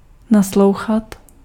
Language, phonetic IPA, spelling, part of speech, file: Czech, [ˈnaslou̯xat], naslouchat, verb, Cs-naslouchat.ogg
- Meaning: to listen